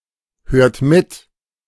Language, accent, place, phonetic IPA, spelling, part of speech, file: German, Germany, Berlin, [ˌhøːɐ̯t ˈmɪt], hört mit, verb, De-hört mit.ogg
- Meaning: inflection of mithören: 1. second-person plural present 2. third-person singular present 3. plural imperative